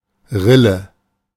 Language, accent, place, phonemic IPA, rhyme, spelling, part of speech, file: German, Germany, Berlin, /ˈʁɪlə/, -ɪlə, Rille, noun, De-Rille.ogg
- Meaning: groove (narrow channel; often one of several parallel ones)